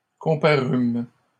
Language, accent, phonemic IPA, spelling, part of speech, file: French, Canada, /kɔ̃.pa.ʁym/, comparûmes, verb, LL-Q150 (fra)-comparûmes.wav
- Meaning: first-person plural past historic of comparaître